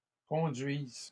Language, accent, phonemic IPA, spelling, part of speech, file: French, Canada, /kɔ̃.dɥiz/, conduisent, verb, LL-Q150 (fra)-conduisent.wav
- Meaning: third-person plural present indicative/subjunctive of conduire